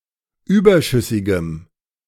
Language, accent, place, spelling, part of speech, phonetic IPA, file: German, Germany, Berlin, überschüssigem, adjective, [ˈyːbɐˌʃʏsɪɡəm], De-überschüssigem.ogg
- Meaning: strong dative masculine/neuter singular of überschüssig